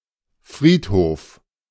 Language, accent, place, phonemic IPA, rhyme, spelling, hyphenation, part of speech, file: German, Germany, Berlin, /ˈfʁiːtˌhoːf/, -oːf, Friedhof, Fried‧hof, noun, De-Friedhof.ogg
- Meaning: cemetery, graveyard